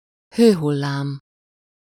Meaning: 1. heatwave (a period of excessively hot weather) 2. hot flash (US), hot flush (UK, AU, NZ) (a sudden, but brief, sensation of heat over the entire body)
- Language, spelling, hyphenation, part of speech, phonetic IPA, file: Hungarian, hőhullám, hő‧hul‧lám, noun, [ˈhøːɦulːaːm], Hu-hőhullám.ogg